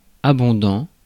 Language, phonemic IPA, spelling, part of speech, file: French, /a.bɔ̃.dɑ̃/, abondant, verb / adjective, Fr-abondant.ogg
- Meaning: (verb) present participle of abonder; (adjective) abundant